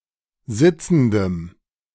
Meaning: strong dative masculine/neuter singular of sitzend
- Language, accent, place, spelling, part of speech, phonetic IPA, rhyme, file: German, Germany, Berlin, sitzendem, adjective, [ˈzɪt͡sn̩dəm], -ɪt͡sn̩dəm, De-sitzendem.ogg